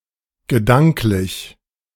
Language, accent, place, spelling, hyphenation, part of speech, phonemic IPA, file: German, Germany, Berlin, gedanklich, ge‧dank‧lich, adjective, /ɡəˈdaŋklɪç/, De-gedanklich.ogg
- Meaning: mental (concerning or involving one's thoughts)